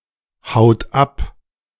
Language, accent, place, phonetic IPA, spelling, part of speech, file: German, Germany, Berlin, [ˌhaʊ̯t ˈap], haut ab, verb, De-haut ab.ogg
- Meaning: inflection of abhauen: 1. second-person plural present 2. third-person singular present 3. plural imperative